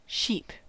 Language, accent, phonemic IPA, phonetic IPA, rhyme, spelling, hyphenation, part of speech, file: English, General American, /ˈʃiːp/, [ˈʃɪi̯p], -iːp, sheep, sheep, noun, En-us-sheep.ogg
- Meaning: 1. A woolly ruminant of the genus Ovis 2. A member of the domestic species Ovis aries, the most well-known species of Ovis 3. A timid, shy person who is easily led by others